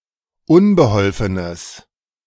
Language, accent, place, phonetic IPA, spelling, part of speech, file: German, Germany, Berlin, [ˈʊnbəˌhɔlfənəs], unbeholfenes, adjective, De-unbeholfenes.ogg
- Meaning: strong/mixed nominative/accusative neuter singular of unbeholfen